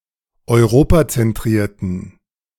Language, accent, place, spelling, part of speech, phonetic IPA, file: German, Germany, Berlin, europazentrierten, adjective, [ɔɪ̯ˈʁoːpat͡sɛnˌtʁiːɐ̯tn̩], De-europazentrierten.ogg
- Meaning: inflection of europazentriert: 1. strong genitive masculine/neuter singular 2. weak/mixed genitive/dative all-gender singular 3. strong/weak/mixed accusative masculine singular 4. strong dative plural